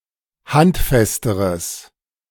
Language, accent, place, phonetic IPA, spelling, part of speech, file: German, Germany, Berlin, [ˈhantˌfɛstəʁəs], handfesteres, adjective, De-handfesteres.ogg
- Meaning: strong/mixed nominative/accusative neuter singular comparative degree of handfest